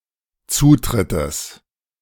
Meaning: genitive singular of Zutritt
- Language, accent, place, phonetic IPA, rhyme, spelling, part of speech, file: German, Germany, Berlin, [ˈt͡suːtʁɪtəs], -uːtʁɪtəs, Zutrittes, noun, De-Zutrittes.ogg